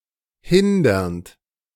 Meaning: present participle of hindern
- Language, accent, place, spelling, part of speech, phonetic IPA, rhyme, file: German, Germany, Berlin, hindernd, verb, [ˈhɪndɐnt], -ɪndɐnt, De-hindernd.ogg